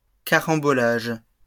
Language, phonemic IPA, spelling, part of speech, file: French, /ka.ʁɑ̃.bɔ.laʒ/, carambolages, noun, LL-Q150 (fra)-carambolages.wav
- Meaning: plural of carambolage